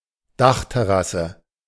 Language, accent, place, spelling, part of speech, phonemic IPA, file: German, Germany, Berlin, Dachterrasse, noun, /ˈdaxtɛˌʁasə/, De-Dachterrasse.ogg
- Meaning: roof terrace